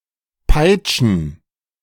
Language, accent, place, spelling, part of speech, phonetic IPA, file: German, Germany, Berlin, Peitschen, noun, [ˈpaɪ̯t͡ʃn̩], De-Peitschen.ogg
- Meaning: plural of Peitsche